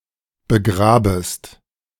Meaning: second-person singular subjunctive I of begraben
- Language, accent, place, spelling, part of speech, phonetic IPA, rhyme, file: German, Germany, Berlin, begrabest, verb, [bəˈɡʁaːbəst], -aːbəst, De-begrabest.ogg